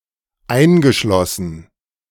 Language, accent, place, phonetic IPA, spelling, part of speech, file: German, Germany, Berlin, [ˈaɪ̯nɡəˌʃlɔsn̩], eingeschlossen, verb, De-eingeschlossen.ogg
- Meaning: past participle of einschließen